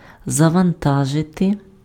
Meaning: 1. to load (put a load of cargo or supplies on or in (:means of conveyance or place of storage)) 2. to load (fill with raw material) 3. to boot, to load (:computer, operating system)
- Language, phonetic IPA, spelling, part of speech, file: Ukrainian, [zɐʋɐnˈtaʒete], завантажити, verb, Uk-завантажити.ogg